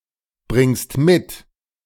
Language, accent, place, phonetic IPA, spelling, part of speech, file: German, Germany, Berlin, [ˌbʁɪŋst ˈmɪt], bringst mit, verb, De-bringst mit.ogg
- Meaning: second-person singular present of mitbringen